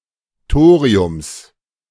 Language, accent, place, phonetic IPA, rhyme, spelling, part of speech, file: German, Germany, Berlin, [ˈtoːʁiʊms], -oːʁiʊms, Thoriums, noun, De-Thoriums.ogg
- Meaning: genitive singular of Thorium